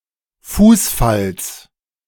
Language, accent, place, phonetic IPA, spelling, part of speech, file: German, Germany, Berlin, [ˈfuːsˌfals], Fußfalls, noun, De-Fußfalls.ogg
- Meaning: genitive of Fußfall